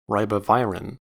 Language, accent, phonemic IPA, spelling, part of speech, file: English, General American, /ˌɹaɪ.bəˈvaɪ.ɹɪn/, ribavirin, noun, En-us-ribavirin.ogg